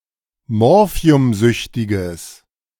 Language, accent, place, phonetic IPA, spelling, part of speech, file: German, Germany, Berlin, [ˈmɔʁfi̯ʊmˌzʏçtɪɡəs], morphiumsüchtiges, adjective, De-morphiumsüchtiges.ogg
- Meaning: strong/mixed nominative/accusative neuter singular of morphiumsüchtig